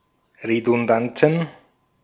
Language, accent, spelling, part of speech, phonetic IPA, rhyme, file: German, Austria, Redundanzen, noun, [ʁedʊnˈdant͡sn̩], -ant͡sn̩, De-at-Redundanzen.ogg
- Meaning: plural of Redundanz